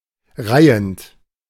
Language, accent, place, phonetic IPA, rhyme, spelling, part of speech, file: German, Germany, Berlin, [ˈʁaɪ̯ənt], -aɪ̯ənt, reihend, verb, De-reihend.ogg
- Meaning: present participle of reihen